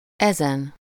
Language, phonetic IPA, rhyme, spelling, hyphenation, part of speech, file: Hungarian, [ˈɛzɛn], -ɛn, ezen, ezen, determiner / pronoun, Hu-ezen.ogg
- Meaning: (determiner) 1. superessive singular of ez 2. this, these